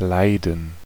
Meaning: 1. to suffer, to experience pain, sorrow, etc 2. to suffer, bear, endure, undergo, experience (some hardship) 3. to suffer 4. to like, tolerate, stand
- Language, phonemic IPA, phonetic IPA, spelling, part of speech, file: German, /ˈlaɪ̯dən/, [ˈlaɪ̯dn̩], leiden, verb, De-leiden.ogg